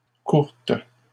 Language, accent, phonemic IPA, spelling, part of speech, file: French, Canada, /kuʁt/, courtes, adjective, LL-Q150 (fra)-courtes.wav
- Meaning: feminine plural of court